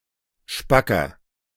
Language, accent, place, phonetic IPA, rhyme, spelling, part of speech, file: German, Germany, Berlin, [ˈʃpakɐ], -akɐ, spacker, adjective, De-spacker.ogg
- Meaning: 1. comparative degree of spack 2. inflection of spack: strong/mixed nominative masculine singular 3. inflection of spack: strong genitive/dative feminine singular